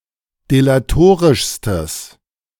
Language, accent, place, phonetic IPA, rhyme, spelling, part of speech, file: German, Germany, Berlin, [delaˈtoːʁɪʃstəs], -oːʁɪʃstəs, delatorischstes, adjective, De-delatorischstes.ogg
- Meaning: strong/mixed nominative/accusative neuter singular superlative degree of delatorisch